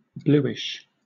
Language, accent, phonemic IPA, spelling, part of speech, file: English, Southern England, /ˈbluːɪʃ/, bluish, adjective, LL-Q1860 (eng)-bluish.wav
- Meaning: 1. Having a tint or hue similar to the colour blue 2. Somewhat depressed; sad